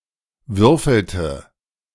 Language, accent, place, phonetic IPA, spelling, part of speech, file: German, Germany, Berlin, [ˈvʏʁfl̩tə], würfelte, verb, De-würfelte.ogg
- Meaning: inflection of würfeln: 1. first/third-person singular preterite 2. first/third-person singular subjunctive II